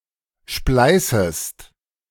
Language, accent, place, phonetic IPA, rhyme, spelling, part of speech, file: German, Germany, Berlin, [ˈʃplaɪ̯səst], -aɪ̯səst, spleißest, verb, De-spleißest.ogg
- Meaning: second-person singular subjunctive I of spleißen